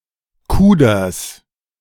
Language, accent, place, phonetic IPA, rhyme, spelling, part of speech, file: German, Germany, Berlin, [ˈkuːdɐs], -uːdɐs, Kuders, noun, De-Kuders.ogg
- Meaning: genitive singular of Kuder